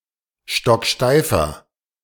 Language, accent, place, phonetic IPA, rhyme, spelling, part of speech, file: German, Germany, Berlin, [ˌʃtɔkˈʃtaɪ̯fɐ], -aɪ̯fɐ, stocksteifer, adjective, De-stocksteifer.ogg
- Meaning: inflection of stocksteif: 1. strong/mixed nominative masculine singular 2. strong genitive/dative feminine singular 3. strong genitive plural